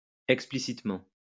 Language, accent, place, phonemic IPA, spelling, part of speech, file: French, France, Lyon, /ɛk.spli.sit.mɑ̃/, explicitement, adverb, LL-Q150 (fra)-explicitement.wav
- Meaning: explicitly